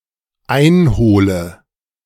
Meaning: inflection of einholen: 1. first-person singular dependent present 2. first/third-person singular dependent subjunctive I
- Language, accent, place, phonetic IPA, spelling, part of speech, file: German, Germany, Berlin, [ˈaɪ̯nˌhoːlə], einhole, verb, De-einhole.ogg